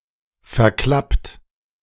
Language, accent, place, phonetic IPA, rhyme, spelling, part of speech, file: German, Germany, Berlin, [fɛɐ̯ˈklapt], -apt, verklappt, verb, De-verklappt.ogg
- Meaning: 1. past participle of verklappen 2. inflection of verklappen: second-person plural present 3. inflection of verklappen: third-person singular present 4. inflection of verklappen: plural imperative